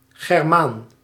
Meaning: a person from the old Germanic people; a German
- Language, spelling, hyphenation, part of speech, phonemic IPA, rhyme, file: Dutch, Germaan, Ger‧maan, noun, /ɣɛrˈmaːn/, -aːn, Nl-Germaan.ogg